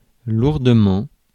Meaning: heavily (to a large extent)
- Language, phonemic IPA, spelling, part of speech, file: French, /luʁ.də.mɑ̃/, lourdement, adverb, Fr-lourdement.ogg